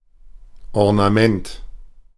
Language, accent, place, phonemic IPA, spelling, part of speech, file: German, Germany, Berlin, /ɔʁnaˈmɛnt/, Ornament, noun, De-Ornament.ogg
- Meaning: ornament